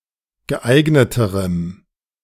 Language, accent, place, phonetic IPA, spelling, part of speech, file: German, Germany, Berlin, [ɡəˈʔaɪ̯ɡnətəʁəm], geeigneterem, adjective, De-geeigneterem.ogg
- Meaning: strong dative masculine/neuter singular comparative degree of geeignet